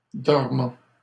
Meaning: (adjective) 1. dormant 2. asleep; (verb) present participle of dormir
- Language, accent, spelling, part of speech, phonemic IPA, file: French, Canada, dormant, adjective / verb, /dɔʁ.mɑ̃/, LL-Q150 (fra)-dormant.wav